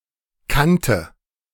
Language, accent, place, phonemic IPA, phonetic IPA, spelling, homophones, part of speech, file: German, Germany, Berlin, /ˈkantə/, [ˈkʰantə], Kante, kannte, noun, De-Kante.ogg
- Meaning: 1. edge (sharp boundary line), border 2. ledge, rim, brink 3. edge 4. tram platform